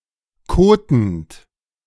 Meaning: present participle of koten
- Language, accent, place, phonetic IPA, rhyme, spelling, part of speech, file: German, Germany, Berlin, [ˈkoːtn̩t], -oːtn̩t, kotend, verb, De-kotend.ogg